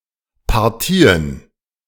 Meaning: plural of Partie
- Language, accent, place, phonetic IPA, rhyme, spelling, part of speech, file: German, Germany, Berlin, [paʁˈtiːən], -iːən, Partien, noun, De-Partien.ogg